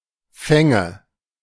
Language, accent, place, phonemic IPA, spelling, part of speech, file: German, Germany, Berlin, /ˈfɛŋə/, Fänge, noun, De-Fänge.ogg
- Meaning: nominative/accusative/genitive plural of Fang